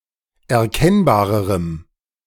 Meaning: strong dative masculine/neuter singular comparative degree of erkennbar
- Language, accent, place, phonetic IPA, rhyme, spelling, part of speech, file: German, Germany, Berlin, [ɛɐ̯ˈkɛnbaːʁəʁəm], -ɛnbaːʁəʁəm, erkennbarerem, adjective, De-erkennbarerem.ogg